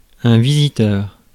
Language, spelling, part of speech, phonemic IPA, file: French, visiteur, noun, /vi.zi.tœʁ/, Fr-visiteur.ogg
- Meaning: visitor